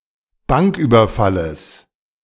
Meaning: genitive singular of Banküberfall
- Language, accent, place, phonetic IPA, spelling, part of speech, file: German, Germany, Berlin, [ˈbaŋkˌʔyːbɐfaləs], Banküberfalles, noun, De-Banküberfalles.ogg